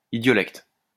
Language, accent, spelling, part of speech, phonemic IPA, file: French, France, idiolecte, noun, /i.djɔ.lɛkt/, LL-Q150 (fra)-idiolecte.wav
- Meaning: idiolect